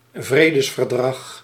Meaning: peace treaty
- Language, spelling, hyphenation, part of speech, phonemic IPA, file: Dutch, vredesverdrag, vre‧des‧ver‧drag, noun, /ˈvreː.dəs.vərˌdrɑx/, Nl-vredesverdrag.ogg